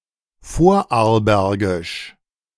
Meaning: of Vorarlberg (the westernmost federal state of Austria)
- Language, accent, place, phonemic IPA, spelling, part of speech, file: German, Germany, Berlin, /ˈfoːɐ̯ʔaʁlˌbɛʁɡɪʃ/, vorarlbergisch, adjective, De-vorarlbergisch.ogg